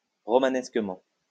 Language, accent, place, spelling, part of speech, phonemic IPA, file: French, France, Lyon, romanesquement, adverb, /ʁɔ.ma.nɛs.kə.mɑ̃/, LL-Q150 (fra)-romanesquement.wav
- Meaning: 1. romantically 2. fancifully